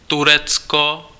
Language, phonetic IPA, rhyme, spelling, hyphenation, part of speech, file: Czech, [ˈturɛt͡sko], -ɛtsko, Turecko, Tu‧rec‧ko, proper noun, Cs-Turecko.ogg
- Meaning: Turkey (a country located in Eastern Thrace in Southeastern Europe and Anatolia in West Asia)